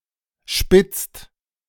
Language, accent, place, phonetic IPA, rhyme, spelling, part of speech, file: German, Germany, Berlin, [ʃpɪt͡st], -ɪt͡st, spitzt, verb, De-spitzt.ogg
- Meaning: inflection of spitzen: 1. second/third-person singular present 2. second-person plural present 3. plural imperative